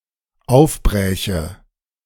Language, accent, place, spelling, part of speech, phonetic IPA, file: German, Germany, Berlin, aufbräche, verb, [ˈaʊ̯fˌbʁɛːçə], De-aufbräche.ogg
- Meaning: first/third-person singular dependent subjunctive II of aufbrechen